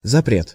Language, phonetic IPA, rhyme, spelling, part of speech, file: Russian, [zɐˈprʲet], -et, запрет, noun, Ru-запрет.ogg
- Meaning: prohibition, interdiction, ban